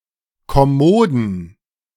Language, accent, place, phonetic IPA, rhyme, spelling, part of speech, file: German, Germany, Berlin, [kɔˈmoːdn̩], -oːdn̩, kommoden, adjective, De-kommoden.ogg
- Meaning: inflection of kommod: 1. strong genitive masculine/neuter singular 2. weak/mixed genitive/dative all-gender singular 3. strong/weak/mixed accusative masculine singular 4. strong dative plural